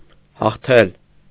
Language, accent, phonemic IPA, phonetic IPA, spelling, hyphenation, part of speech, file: Armenian, Eastern Armenian, /hɑχˈtʰel/, [hɑχtʰél], հաղթել, հաղ‧թել, verb, Hy-հաղթել.ogg
- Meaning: 1. to win 2. to conquer